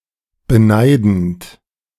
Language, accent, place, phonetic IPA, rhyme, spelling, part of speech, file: German, Germany, Berlin, [bəˈnaɪ̯dn̩t], -aɪ̯dn̩t, beneidend, verb, De-beneidend.ogg
- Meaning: present participle of beneiden